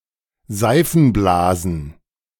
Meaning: plural of Seifenblase
- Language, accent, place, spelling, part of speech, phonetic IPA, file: German, Germany, Berlin, Seifenblasen, noun, [ˈzaɪ̯fn̩ˌblaːzn̩], De-Seifenblasen.ogg